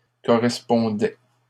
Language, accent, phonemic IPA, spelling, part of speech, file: French, Canada, /kɔ.ʁɛs.pɔ̃.dɛ/, correspondait, verb, LL-Q150 (fra)-correspondait.wav
- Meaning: third-person singular imperfect indicative of correspondre